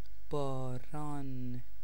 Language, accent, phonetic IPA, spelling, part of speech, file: Persian, Iran, [bɒː.ɹɒ́ːn], باران, noun / verb / proper noun, Fa-باران.ogg
- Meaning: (noun) rain; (verb) present participle of باریدن (bâridan, “to rain”); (proper noun) a female given name, Baran, from Middle Persian